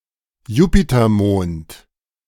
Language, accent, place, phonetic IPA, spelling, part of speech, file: German, Germany, Berlin, [ˈjuːpitɐˌmoːnt], Jupitermond, noun, De-Jupitermond.ogg
- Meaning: Jovian moon (moon of Jupiter)